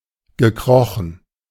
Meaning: past participle of kriechen
- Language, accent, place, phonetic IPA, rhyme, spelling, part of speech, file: German, Germany, Berlin, [ɡəˈkʁɔxn̩], -ɔxn̩, gekrochen, verb, De-gekrochen.ogg